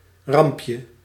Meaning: diminutive of ramp
- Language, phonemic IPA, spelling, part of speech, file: Dutch, /ˈrɑmpjə/, rampje, noun, Nl-rampje.ogg